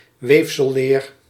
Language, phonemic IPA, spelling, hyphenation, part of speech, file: Dutch, /ˈʋeːf.səˌleːr/, weefselleer, weef‧sel‧leer, noun, Nl-weefselleer.ogg
- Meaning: histology (study of tissue and tissue structures)